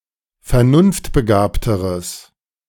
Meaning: strong/mixed nominative/accusative neuter singular comparative degree of vernunftbegabt
- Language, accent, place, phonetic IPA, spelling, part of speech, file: German, Germany, Berlin, [fɛɐ̯ˈnʊnftbəˌɡaːptəʁəs], vernunftbegabteres, adjective, De-vernunftbegabteres.ogg